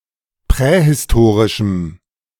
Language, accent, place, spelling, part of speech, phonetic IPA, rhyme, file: German, Germany, Berlin, prähistorischem, adjective, [ˌpʁɛhɪsˈtoːʁɪʃm̩], -oːʁɪʃm̩, De-prähistorischem.ogg
- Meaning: strong dative masculine/neuter singular of prähistorisch